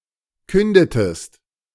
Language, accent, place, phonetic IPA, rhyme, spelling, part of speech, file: German, Germany, Berlin, [ˈkʏndətəst], -ʏndətəst, kündetest, verb, De-kündetest.ogg
- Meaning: inflection of künden: 1. second-person singular preterite 2. second-person singular subjunctive II